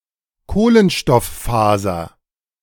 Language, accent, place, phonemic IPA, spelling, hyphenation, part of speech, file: German, Germany, Berlin, /ˈkoːlənʃtɔfˌfaːzɐ/, Kohlenstofffaser, Koh‧len‧stoff‧faser, noun, De-Kohlenstofffaser.ogg
- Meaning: carbon fiber